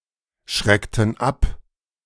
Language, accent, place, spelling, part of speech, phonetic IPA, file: German, Germany, Berlin, schreckten ab, verb, [ˌʃʁɛktn̩ ˈap], De-schreckten ab.ogg
- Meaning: inflection of abschrecken: 1. first/third-person plural preterite 2. first/third-person plural subjunctive II